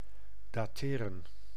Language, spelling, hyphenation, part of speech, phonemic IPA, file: Dutch, dateren, da‧te‧ren, verb, /daːˈteːrə(n)/, Nl-dateren.ogg
- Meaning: 1. to date, determine the age (of) 2. to date (from), belong to an age